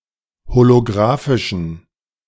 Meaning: inflection of holografisch: 1. strong genitive masculine/neuter singular 2. weak/mixed genitive/dative all-gender singular 3. strong/weak/mixed accusative masculine singular 4. strong dative plural
- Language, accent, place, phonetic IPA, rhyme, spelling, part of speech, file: German, Germany, Berlin, [holoˈɡʁaːfɪʃn̩], -aːfɪʃn̩, holografischen, adjective, De-holografischen.ogg